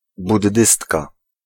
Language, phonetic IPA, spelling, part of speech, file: Polish, [budˈːɨstka], buddystka, noun, Pl-buddystka.ogg